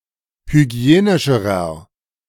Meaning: inflection of hygienisch: 1. strong/mixed nominative masculine singular comparative degree 2. strong genitive/dative feminine singular comparative degree 3. strong genitive plural comparative degree
- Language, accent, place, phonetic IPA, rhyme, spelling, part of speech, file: German, Germany, Berlin, [hyˈɡi̯eːnɪʃəʁɐ], -eːnɪʃəʁɐ, hygienischerer, adjective, De-hygienischerer.ogg